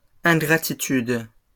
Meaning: plural of ingratitude
- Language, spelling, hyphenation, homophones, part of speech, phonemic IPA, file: French, ingratitudes, in‧gra‧ti‧tudes, ingratitude, noun, /ɛ̃.ɡʁa.ti.tyd/, LL-Q150 (fra)-ingratitudes.wav